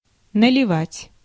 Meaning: to pour (liquid into a container)
- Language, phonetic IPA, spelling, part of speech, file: Russian, [nəlʲɪˈvatʲ], наливать, verb, Ru-наливать.ogg